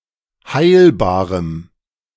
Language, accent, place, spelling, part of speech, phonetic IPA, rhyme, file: German, Germany, Berlin, heilbarem, adjective, [ˈhaɪ̯lbaːʁəm], -aɪ̯lbaːʁəm, De-heilbarem.ogg
- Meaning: strong dative masculine/neuter singular of heilbar